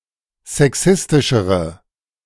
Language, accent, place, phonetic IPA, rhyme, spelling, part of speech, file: German, Germany, Berlin, [zɛˈksɪstɪʃəʁə], -ɪstɪʃəʁə, sexistischere, adjective, De-sexistischere.ogg
- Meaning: inflection of sexistisch: 1. strong/mixed nominative/accusative feminine singular comparative degree 2. strong nominative/accusative plural comparative degree